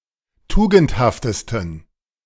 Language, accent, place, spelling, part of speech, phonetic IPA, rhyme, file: German, Germany, Berlin, tugendhaftesten, adjective, [ˈtuːɡn̩thaftəstn̩], -uːɡn̩thaftəstn̩, De-tugendhaftesten.ogg
- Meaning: 1. superlative degree of tugendhaft 2. inflection of tugendhaft: strong genitive masculine/neuter singular superlative degree